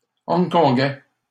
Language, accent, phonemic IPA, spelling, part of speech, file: French, Canada, /ɔ̃ɡ.kɔ̃.ɡɛ/, hongkongais, adjective, LL-Q150 (fra)-hongkongais.wav
- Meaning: of Hong Kong